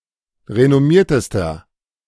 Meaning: inflection of renommiert: 1. strong/mixed nominative masculine singular superlative degree 2. strong genitive/dative feminine singular superlative degree 3. strong genitive plural superlative degree
- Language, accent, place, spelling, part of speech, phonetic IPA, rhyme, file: German, Germany, Berlin, renommiertester, adjective, [ʁenɔˈmiːɐ̯təstɐ], -iːɐ̯təstɐ, De-renommiertester.ogg